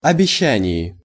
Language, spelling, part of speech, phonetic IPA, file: Russian, обещаний, noun, [ɐbʲɪˈɕːænʲɪj], Ru-обещаний.ogg
- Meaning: genitive plural of обеща́ние (obeščánije)